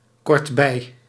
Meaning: near, in the neighbourhood of
- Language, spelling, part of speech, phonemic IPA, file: Dutch, kortbij, adverb, /kɔrdˈbɛi/, Nl-kortbij.ogg